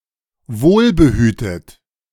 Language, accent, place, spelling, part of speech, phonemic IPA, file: German, Germany, Berlin, wohlbehütet, adjective, /ˈvoːlbəˌhyːtət/, De-wohlbehütet.ogg
- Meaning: well-cared for